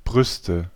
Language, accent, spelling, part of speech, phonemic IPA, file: German, Germany, Brüste, noun, /ˈbʁʏstə/, De-Brüste.ogg
- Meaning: nominative/accusative/genitive plural of Brust: breasts